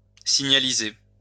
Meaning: to signalize (set up signs or signals)
- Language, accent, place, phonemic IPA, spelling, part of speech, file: French, France, Lyon, /si.ɲa.li.ze/, signaliser, verb, LL-Q150 (fra)-signaliser.wav